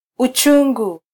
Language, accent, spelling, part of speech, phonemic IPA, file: Swahili, Kenya, uchungu, noun, /uˈtʃu.ᵑɡu/, Sw-ke-uchungu.flac
- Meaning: 1. bitterness 2. pain, sadness